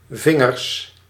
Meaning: plural of vinger
- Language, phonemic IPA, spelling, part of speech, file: Dutch, /ˈvɪ.ŋərs/, vingers, noun, Nl-vingers.ogg